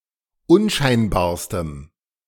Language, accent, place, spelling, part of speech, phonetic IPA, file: German, Germany, Berlin, unscheinbarstem, adjective, [ˈʊnˌʃaɪ̯nbaːɐ̯stəm], De-unscheinbarstem.ogg
- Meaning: strong dative masculine/neuter singular superlative degree of unscheinbar